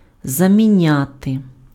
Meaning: to replace (something/somebody with something/somebody: щось/кого́сь (accusative) чи́мось/ки́мось (instrumental))
- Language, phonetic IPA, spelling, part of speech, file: Ukrainian, [zɐmʲiˈnʲate], заміняти, verb, Uk-заміняти.ogg